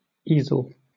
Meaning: An upright frame, typically on three legs, for displaying or supporting something, such as an artist's canvas
- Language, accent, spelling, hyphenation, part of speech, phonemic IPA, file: English, Southern England, easel, ea‧sel, noun, /ˈiː.z(ə)l/, LL-Q1860 (eng)-easel.wav